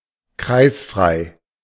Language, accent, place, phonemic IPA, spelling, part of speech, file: German, Germany, Berlin, /ˈkʁaɪ̯sfʁaɪ̯/, kreisfrei, adjective, De-kreisfrei.ogg
- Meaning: Not belonging to a Kreis (type of district) (of a city)